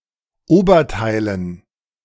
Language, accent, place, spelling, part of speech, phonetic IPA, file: German, Germany, Berlin, Oberteilen, noun, [ˈoːbɐˌtaɪ̯lən], De-Oberteilen.ogg
- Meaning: dative plural of Oberteil